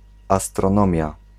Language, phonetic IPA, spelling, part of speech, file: Polish, [ˌastrɔ̃ˈnɔ̃mʲja], astronomia, noun, Pl-astronomia.ogg